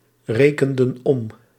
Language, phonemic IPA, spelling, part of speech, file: Dutch, /ˈrekəndə(n) ˈɔm/, rekenden om, verb, Nl-rekenden om.ogg
- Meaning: inflection of omrekenen: 1. plural past indicative 2. plural past subjunctive